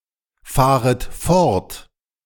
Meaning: second-person plural subjunctive I of fortfahren
- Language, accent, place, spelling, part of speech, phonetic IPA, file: German, Germany, Berlin, fahret fort, verb, [ˌfaːʁət ˈfɔʁt], De-fahret fort.ogg